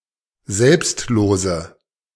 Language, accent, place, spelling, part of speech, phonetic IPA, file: German, Germany, Berlin, selbstlose, adjective, [ˈzɛlpstˌloːzə], De-selbstlose.ogg
- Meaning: inflection of selbstlos: 1. strong/mixed nominative/accusative feminine singular 2. strong nominative/accusative plural 3. weak nominative all-gender singular